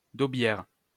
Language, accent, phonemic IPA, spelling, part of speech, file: French, France, /do.bjɛʁ/, daubière, noun, LL-Q150 (fra)-daubière.wav
- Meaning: a traditional terracotta pot resembling a pitcher, with a concave lid, used to cook daube while keeping it moist